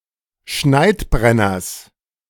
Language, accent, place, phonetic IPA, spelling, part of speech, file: German, Germany, Berlin, [ˈʃnaɪ̯tˌbʁɛnɐs], Schneidbrenners, noun, De-Schneidbrenners.ogg
- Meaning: genitive singular of Schneidbrenner